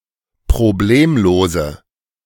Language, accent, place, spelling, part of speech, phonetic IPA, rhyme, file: German, Germany, Berlin, problemlose, adjective, [pʁoˈbleːmloːzə], -eːmloːzə, De-problemlose.ogg
- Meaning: inflection of problemlos: 1. strong/mixed nominative/accusative feminine singular 2. strong nominative/accusative plural 3. weak nominative all-gender singular